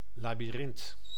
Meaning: 1. labyrinth, maze 2. intricate problem, logic etc
- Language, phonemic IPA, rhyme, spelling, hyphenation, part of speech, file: Dutch, /laː.biˈrɪnt/, -ɪnt, labyrint, la‧by‧rint, noun, Nl-labyrint.ogg